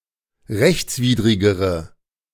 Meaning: inflection of rechtswidrig: 1. strong/mixed nominative/accusative feminine singular comparative degree 2. strong nominative/accusative plural comparative degree
- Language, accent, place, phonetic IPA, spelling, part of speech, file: German, Germany, Berlin, [ˈʁɛçt͡sˌviːdʁɪɡəʁə], rechtswidrigere, adjective, De-rechtswidrigere.ogg